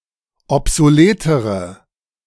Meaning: inflection of obsolet: 1. strong/mixed nominative/accusative feminine singular comparative degree 2. strong nominative/accusative plural comparative degree
- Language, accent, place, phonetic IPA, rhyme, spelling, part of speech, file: German, Germany, Berlin, [ɔpzoˈleːtəʁə], -eːtəʁə, obsoletere, adjective, De-obsoletere.ogg